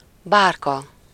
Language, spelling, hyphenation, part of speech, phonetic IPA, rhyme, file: Hungarian, bárka, bár‧ka, noun, [ˈbaːrkɒ], -kɒ, Hu-bárka.ogg
- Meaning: larger boat; barque, ark